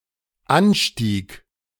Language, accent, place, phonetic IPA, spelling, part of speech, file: German, Germany, Berlin, [ˈanˌʃtiːk], anstieg, verb, De-anstieg.ogg
- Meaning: first/third-person singular dependent preterite of ansteigen